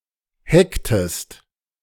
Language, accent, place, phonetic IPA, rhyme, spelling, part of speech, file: German, Germany, Berlin, [ˈhɛktəst], -ɛktəst, hecktest, verb, De-hecktest.ogg
- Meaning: inflection of hecken: 1. second-person singular preterite 2. second-person singular subjunctive II